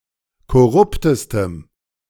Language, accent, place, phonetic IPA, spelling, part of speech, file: German, Germany, Berlin, [kɔˈʁʊptəstəm], korruptestem, adjective, De-korruptestem.ogg
- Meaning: strong dative masculine/neuter singular superlative degree of korrupt